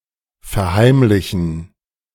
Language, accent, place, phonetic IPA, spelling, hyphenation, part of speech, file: German, Germany, Berlin, [fɛɐ̯ˈhaɪ̯mlɪçn̩], verheimlichen, ver‧heim‧li‧chen, verb, De-verheimlichen.ogg
- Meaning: to keep secret, to conceal, to hide